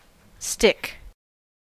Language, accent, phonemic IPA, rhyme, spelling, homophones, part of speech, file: English, General American, /stɪk/, -ɪk, stick, stich, noun / verb / adjective, En-us-stick.ogg
- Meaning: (noun) An elongated piece of wood or similar material, typically put to some use, for example as a wand or baton.: A small, thin branch from a tree or bush; a twig; a branch